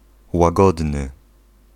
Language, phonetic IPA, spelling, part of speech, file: Polish, [waˈɡɔdnɨ], łagodny, adjective, Pl-łagodny.ogg